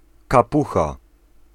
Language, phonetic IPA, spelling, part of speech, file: Polish, [kaˈpuxa], kapucha, noun, Pl-kapucha.ogg